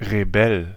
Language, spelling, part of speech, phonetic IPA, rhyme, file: German, Rebell, noun, [ʁeˈbɛl], -ɛl, De-Rebell.ogg
- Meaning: rebel